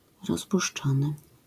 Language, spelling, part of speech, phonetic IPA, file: Polish, rozpuszczony, verb / adjective, [ˌrɔspuʃˈt͡ʃɔ̃nɨ], LL-Q809 (pol)-rozpuszczony.wav